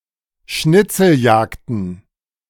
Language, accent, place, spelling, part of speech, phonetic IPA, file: German, Germany, Berlin, Schnitzeljagden, noun, [ˈʃnɪt͡sl̩ˌjaːkdn̩], De-Schnitzeljagden.ogg
- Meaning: plural of Schnitzeljagd